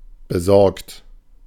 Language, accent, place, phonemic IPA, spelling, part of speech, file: German, Germany, Berlin, /bəˈzɔʁkt/, besorgt, verb / adjective, De-besorgt.ogg
- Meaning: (verb) past participle of besorgen; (adjective) worried (thinking about unpleasant things that have happened or that might happen); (verb) inflection of besorgen: third-person singular present